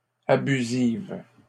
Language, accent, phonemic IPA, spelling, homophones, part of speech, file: French, Canada, /a.by.ziv/, abusive, abusives, adjective, LL-Q150 (fra)-abusive.wav
- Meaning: feminine singular of abusif